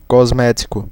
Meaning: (adjective) cosmetic (improving something’s appearance); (noun) cosmetic (any substances applied to enhance the external color or texture of the skin)
- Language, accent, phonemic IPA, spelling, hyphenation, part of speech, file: Portuguese, Brazil, /kozˈmɛ.t͡ʃi.ku/, cosmético, cos‧mé‧ti‧co, adjective / noun, Pt-br-cosmético.ogg